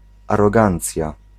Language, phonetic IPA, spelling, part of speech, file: Polish, [ˌarɔˈɡãnt͡sʲja], arogancja, noun, Pl-arogancja.ogg